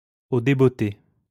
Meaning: 1. as soon as one arrives, as soon as one gets home 2. off the cuff, without preparation 3. unexpectedly, without warning
- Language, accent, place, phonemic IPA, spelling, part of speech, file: French, France, Lyon, /o de.bɔ.te/, au débotté, adverb, LL-Q150 (fra)-au débotté.wav